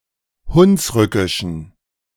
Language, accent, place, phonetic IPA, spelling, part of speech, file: German, Germany, Berlin, [ˈhʊnsˌʁʏkɪʃn̩], hunsrückischen, adjective, De-hunsrückischen.ogg
- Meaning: inflection of hunsrückisch: 1. strong genitive masculine/neuter singular 2. weak/mixed genitive/dative all-gender singular 3. strong/weak/mixed accusative masculine singular 4. strong dative plural